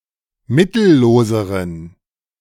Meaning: inflection of mittellos: 1. strong genitive masculine/neuter singular comparative degree 2. weak/mixed genitive/dative all-gender singular comparative degree
- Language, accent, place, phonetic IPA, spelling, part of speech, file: German, Germany, Berlin, [ˈmɪtl̩ˌloːzəʁən], mittelloseren, adjective, De-mittelloseren.ogg